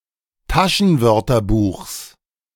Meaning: genitive singular of Taschenwörterbuch
- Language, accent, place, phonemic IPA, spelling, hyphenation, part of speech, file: German, Germany, Berlin, /ˈtaʃənˌvœʁtɐbuːxs/, Taschenwörterbuchs, Ta‧schen‧wör‧ter‧buchs, noun, De-Taschenwörterbuchs.ogg